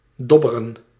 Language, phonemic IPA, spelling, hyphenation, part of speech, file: Dutch, /ˈdɔ.bə.rə(n)/, dobberen, dob‧be‧ren, verb, Nl-dobberen.ogg
- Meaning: to float in or on water or another fluid, generally without much control over direction